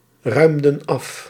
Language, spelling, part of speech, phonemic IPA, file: Dutch, ruimden af, verb, /ˈrœymdə(n) ˈɑf/, Nl-ruimden af.ogg
- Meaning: inflection of afruimen: 1. plural past indicative 2. plural past subjunctive